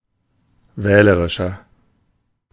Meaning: 1. comparative degree of wählerisch 2. inflection of wählerisch: strong/mixed nominative masculine singular 3. inflection of wählerisch: strong genitive/dative feminine singular
- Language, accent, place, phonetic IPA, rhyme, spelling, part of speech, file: German, Germany, Berlin, [ˈvɛːləʁɪʃɐ], -ɛːləʁɪʃɐ, wählerischer, adjective, De-wählerischer.ogg